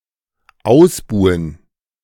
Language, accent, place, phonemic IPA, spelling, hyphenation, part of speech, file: German, Germany, Berlin, /ˈʔaʊ̯sbuːən/, ausbuhen, aus‧bu‧hen, verb, De-ausbuhen.ogg
- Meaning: to boo